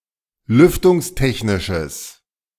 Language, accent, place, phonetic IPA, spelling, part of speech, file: German, Germany, Berlin, [ˈlʏftʊŋsˌtɛçnɪʃəs], lüftungstechnisches, adjective, De-lüftungstechnisches.ogg
- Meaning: strong/mixed nominative/accusative neuter singular of lüftungstechnisch